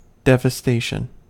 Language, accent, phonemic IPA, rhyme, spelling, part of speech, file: English, US, /ˌdɛ.vəˈsteɪ.ʃən/, -eɪʃən, devastation, noun, En-us-devastation.ogg
- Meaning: 1. The act of devastating, or the state of being devastated; a laying waste 2. Waste or misapplication of the assets of a deceased person by an executor or administrator; devastavit